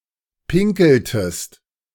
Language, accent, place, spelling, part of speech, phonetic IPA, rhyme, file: German, Germany, Berlin, pinkeltest, verb, [ˈpɪŋkl̩təst], -ɪŋkl̩təst, De-pinkeltest.ogg
- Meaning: inflection of pinkeln: 1. second-person singular preterite 2. second-person singular subjunctive II